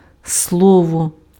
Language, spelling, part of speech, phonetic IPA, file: Ukrainian, слово, noun, [ˈsɫɔwɔ], Uk-слово.ogg
- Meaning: 1. a word 2. a verbal expression, utterance, or phrase 3. a speech, presentation, oration 4. the facility of speech, language, verbal articulation 5. a literary genre 6. a promise